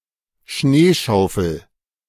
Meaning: snow shovel
- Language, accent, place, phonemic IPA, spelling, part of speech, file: German, Germany, Berlin, /ˈʃneːʃaʊ̯fl̩/, Schneeschaufel, noun, De-Schneeschaufel.ogg